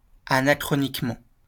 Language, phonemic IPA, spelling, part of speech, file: French, /a.na.kʁɔ.nik.mɑ̃/, anachroniquement, adverb, LL-Q150 (fra)-anachroniquement.wav
- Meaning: anachronistically, anachronically